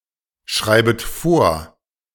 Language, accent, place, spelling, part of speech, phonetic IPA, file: German, Germany, Berlin, schreibet vor, verb, [ˌʃʁaɪ̯bət ˈfoːɐ̯], De-schreibet vor.ogg
- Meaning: second-person plural subjunctive I of vorschreiben